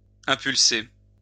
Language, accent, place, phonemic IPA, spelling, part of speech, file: French, France, Lyon, /ɛ̃.pyl.se/, impulser, verb, LL-Q150 (fra)-impulser.wav
- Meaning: to encourage, egg on